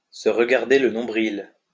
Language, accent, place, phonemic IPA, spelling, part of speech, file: French, France, Lyon, /sə ʁ(ə).ɡaʁ.de l(ə) nɔ̃.bʁil/, se regarder le nombril, verb, LL-Q150 (fra)-se regarder le nombril.wav
- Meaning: to contemplate one's navel, to indulge in navel-gazing (to be self-centered)